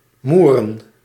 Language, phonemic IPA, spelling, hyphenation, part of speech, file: Dutch, /ˈmu.rə(n)/, moeren, moe‧ren, verb / noun, Nl-moeren.ogg
- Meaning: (verb) to excavate a peat; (noun) plural of moer